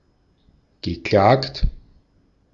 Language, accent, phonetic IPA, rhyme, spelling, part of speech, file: German, Austria, [ɡəˈklaːkt], -aːkt, geklagt, verb, De-at-geklagt.ogg
- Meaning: past participle of klagen